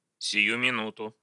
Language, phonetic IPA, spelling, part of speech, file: Russian, [sʲɪˈju mʲɪˈnutʊ], сию минуту, adverb, Ru-сию минуту.ogg
- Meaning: 1. immediately, this very minute, instantly, at once 2. just a moment